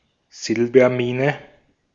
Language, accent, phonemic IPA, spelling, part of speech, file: German, Austria, /ˈzɪlbɐˌmiːnə/, Silbermine, noun, De-at-Silbermine.ogg
- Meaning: silver mine